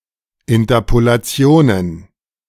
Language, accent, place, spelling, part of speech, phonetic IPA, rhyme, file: German, Germany, Berlin, Interpolationen, noun, [ɪntɐpolaˈt͡si̯oːnən], -oːnən, De-Interpolationen.ogg
- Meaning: plural of Interpolation